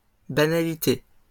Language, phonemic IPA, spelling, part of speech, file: French, /ba.na.li.te/, banalités, noun, LL-Q150 (fra)-banalités.wav
- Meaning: plural of banalité